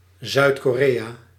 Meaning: South Korea (a country in East Asia, comprising the southern part of the Korean Peninsula)
- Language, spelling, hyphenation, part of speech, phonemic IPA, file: Dutch, Zuid-Korea, Zuid-Ko‧rea, proper noun, /ˌzœy̯t.koːˈreː.aː/, Nl-Zuid-Korea.ogg